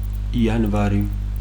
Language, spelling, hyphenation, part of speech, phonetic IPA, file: Georgian, იანვარი, იან‧ვა‧რი, proper noun, [iänʷäɾi], Ka-იანვარი.ogg
- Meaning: January